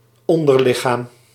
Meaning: lower body
- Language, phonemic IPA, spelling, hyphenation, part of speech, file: Dutch, /ˈɔn.dərˌlɪ.xaːm/, onderlichaam, on‧der‧li‧chaam, noun, Nl-onderlichaam.ogg